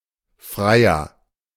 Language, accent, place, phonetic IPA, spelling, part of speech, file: German, Germany, Berlin, [ˈfʁeɪ̯a], Freya, proper noun, De-Freya.ogg
- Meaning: 1. Freya 2. a female given name of rare usage